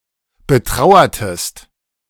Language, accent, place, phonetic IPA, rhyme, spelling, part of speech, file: German, Germany, Berlin, [bəˈtʁaʊ̯ɐtəst], -aʊ̯ɐtəst, betrauertest, verb, De-betrauertest.ogg
- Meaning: inflection of betrauern: 1. second-person singular preterite 2. second-person singular subjunctive II